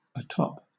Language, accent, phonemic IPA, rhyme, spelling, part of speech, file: English, Southern England, /əˈtɒp/, -ɒp, atop, preposition / adverb, LL-Q1860 (eng)-atop.wav
- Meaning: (preposition) 1. On the top of 2. On the top (with of); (adverb) On, to, or at the top